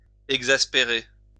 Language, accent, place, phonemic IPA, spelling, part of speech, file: French, France, Lyon, /ɛɡ.zas.pe.ʁe/, exaspérer, verb, LL-Q150 (fra)-exaspérer.wav
- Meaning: to exasperate (to frustrate)